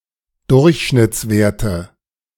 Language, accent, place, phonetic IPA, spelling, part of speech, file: German, Germany, Berlin, [ˈdʊʁçʃnɪt͡sˌveːɐ̯tə], Durchschnittswerte, noun, De-Durchschnittswerte.ogg
- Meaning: nominative/accusative/genitive plural of Durchschnittswert